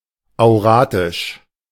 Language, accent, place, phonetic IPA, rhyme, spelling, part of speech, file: German, Germany, Berlin, [aʊ̯ˈʁaːtɪʃ], -aːtɪʃ, auratisch, adjective, De-auratisch.ogg
- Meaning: auratic